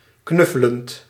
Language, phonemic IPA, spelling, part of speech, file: Dutch, /ˈknʏfələnt/, knuffelend, verb, Nl-knuffelend.ogg
- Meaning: present participle of knuffelen